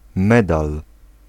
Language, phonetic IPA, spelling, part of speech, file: Polish, [ˈmɛdal], medal, noun, Pl-medal.ogg